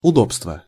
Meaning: 1. convenience, amenity (something that makes life easier or more pleasant) 2. accommodation 3. commodity 4. easement 5. boon
- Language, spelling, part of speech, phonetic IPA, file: Russian, удобство, noun, [ʊˈdopstvə], Ru-удобство.ogg